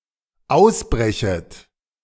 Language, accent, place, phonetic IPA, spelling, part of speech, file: German, Germany, Berlin, [ˈaʊ̯sˌbʁɛçət], ausbrechet, verb, De-ausbrechet.ogg
- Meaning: second-person plural dependent subjunctive I of ausbrechen